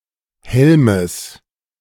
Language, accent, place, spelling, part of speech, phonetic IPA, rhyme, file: German, Germany, Berlin, Helmes, noun, [ˈhɛlməs], -ɛlməs, De-Helmes.ogg
- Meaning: genitive singular of Helm